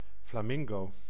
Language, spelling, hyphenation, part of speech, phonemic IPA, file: Dutch, flamingo, fla‧min‧go, noun, /ˌflaːˈmɪŋ.ɡoː/, Nl-flamingo.ogg
- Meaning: 1. a flamingo, bird of the family Phoenicopteridae 2. the greater flamingo, Phoenicopterus roseus 3. synonym of rode ibis